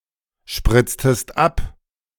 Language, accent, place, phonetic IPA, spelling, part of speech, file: German, Germany, Berlin, [ˌʃpʁɪt͡stəst ˈap], spritztest ab, verb, De-spritztest ab.ogg
- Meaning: inflection of abspritzen: 1. second-person singular preterite 2. second-person singular subjunctive II